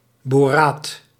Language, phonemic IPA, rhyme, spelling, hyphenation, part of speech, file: Dutch, /boːˈraːt/, -aːt, boraat, bo‧raat, noun, Nl-boraat.ogg
- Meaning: borate (oxyanion BO₃³⁻)